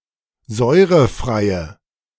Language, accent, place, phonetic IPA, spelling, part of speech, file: German, Germany, Berlin, [ˈzɔɪ̯ʁəˌfʁaɪ̯ə], säurefreie, adjective, De-säurefreie.ogg
- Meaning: inflection of säurefrei: 1. strong/mixed nominative/accusative feminine singular 2. strong nominative/accusative plural 3. weak nominative all-gender singular